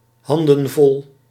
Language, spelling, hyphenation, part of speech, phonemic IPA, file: Dutch, handenvol, han‧den‧vol, noun / adverb, /ˈhɑndə(n)ˌvɔl/, Nl-handenvol.ogg
- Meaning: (adverb) while busy; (noun) plural of handvol